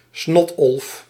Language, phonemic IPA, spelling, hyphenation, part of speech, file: Dutch, /ˈsnɔt.ɔlf/, snotolf, snot‧olf, noun, Nl-snotolf.ogg
- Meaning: 1. lumpsucker, lumpfish (Cyclopterus lumpus) 2. dirtbag, gross person